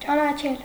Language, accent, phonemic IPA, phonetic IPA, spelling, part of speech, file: Armenian, Eastern Armenian, /t͡ʃɑnɑˈt͡ʃʰel/, [t͡ʃɑnɑt͡ʃʰél], ճանաչել, verb, Hy-ճանաչել.ogg
- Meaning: 1. to know someone, to be acquainted with 2. to be aware (of something) 3. to become acquainted with, to get to know 4. to recognize, to know 5. to admit, to acknowledge